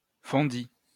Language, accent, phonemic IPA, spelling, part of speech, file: French, France, /fɔ̃.di/, fondis, verb, LL-Q150 (fra)-fondis.wav
- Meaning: first/second-person singular past historic of fondre